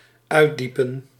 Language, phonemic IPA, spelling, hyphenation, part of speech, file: Dutch, /ˈœy̯tˌdi.pə(n)/, uitdiepen, uit‧die‧pen, verb, Nl-uitdiepen.ogg
- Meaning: to deepen